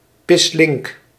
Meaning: livid, furious
- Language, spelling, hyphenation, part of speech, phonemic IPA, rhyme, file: Dutch, pislink, pis‧link, adjective, /pɪsˈlɪŋk/, -ɪŋk, Nl-pislink.ogg